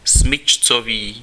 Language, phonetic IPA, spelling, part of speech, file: Czech, [ˈsmɪt͡ʃt͡soviː], smyčcový, adjective, Cs-smyčcový.ogg
- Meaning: bow (for a string instrument)